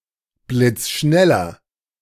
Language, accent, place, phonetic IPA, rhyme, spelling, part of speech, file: German, Germany, Berlin, [blɪt͡sˈʃnɛlɐ], -ɛlɐ, blitzschneller, adjective, De-blitzschneller.ogg
- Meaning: inflection of blitzschnell: 1. strong/mixed nominative masculine singular 2. strong genitive/dative feminine singular 3. strong genitive plural